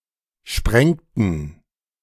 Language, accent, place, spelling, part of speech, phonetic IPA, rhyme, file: German, Germany, Berlin, sprengten, verb, [ˈʃpʁɛŋtn̩], -ɛŋtn̩, De-sprengten.ogg
- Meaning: inflection of sprengen: 1. first/third-person plural preterite 2. first/third-person plural subjunctive II